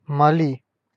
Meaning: Mali (a country in West Africa)
- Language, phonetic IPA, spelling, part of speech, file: Russian, [mɐˈlʲi], Мали, proper noun, Ru-Мали.ogg